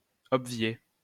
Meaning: to obviate
- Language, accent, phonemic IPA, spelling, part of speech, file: French, France, /ɔb.vje/, obvier, verb, LL-Q150 (fra)-obvier.wav